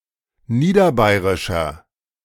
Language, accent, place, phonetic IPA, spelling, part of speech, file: German, Germany, Berlin, [ˈniːdɐˌbaɪ̯ʁɪʃɐ], niederbayrischer, adjective, De-niederbayrischer.ogg
- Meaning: inflection of niederbayrisch: 1. strong/mixed nominative masculine singular 2. strong genitive/dative feminine singular 3. strong genitive plural